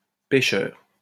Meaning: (adjective) sinning; sinful; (noun) sinner
- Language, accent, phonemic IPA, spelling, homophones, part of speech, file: French, France, /pe.ʃœʁ/, pécheur, pécheurs, adjective / noun, LL-Q150 (fra)-pécheur.wav